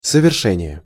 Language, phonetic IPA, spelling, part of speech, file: Russian, [səvʲɪrˈʂɛnʲɪje], совершение, noun, Ru-совершение.ogg
- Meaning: 1. accomplishment, fulfilment, perpetration 2. execution